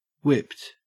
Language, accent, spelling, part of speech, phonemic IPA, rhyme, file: English, Australia, whipped, adjective / verb, /ʍɪpt/, -ɪpt, En-au-whipped.ogg
- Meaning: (adjective) 1. Of food: prepared by whipping or beating 2. Ellipsis of pussywhipped 3. Very tired; worn out; exhausted; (verb) simple past and past participle of whip